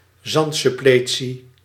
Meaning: beach nourishment, sand replenishing
- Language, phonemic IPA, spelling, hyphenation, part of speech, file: Dutch, /ˈzɑnt.sʏˌpleː.(t)si/, zandsuppletie, zand‧sup‧ple‧tie, noun, Nl-zandsuppletie.ogg